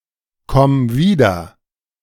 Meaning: singular imperative of wiederkommen
- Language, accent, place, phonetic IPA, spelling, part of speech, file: German, Germany, Berlin, [ˌkɔm ˈviːdɐ], komm wieder, verb, De-komm wieder.ogg